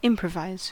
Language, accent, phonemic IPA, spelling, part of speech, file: English, US, /ˈɪm.pɹə.vaɪz/, improvise, verb, En-us-improvise.ogg
- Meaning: To make something up or invent it as one goes on; to proceed guided only by imagination, intuition, and guesswork rather than by a careful plan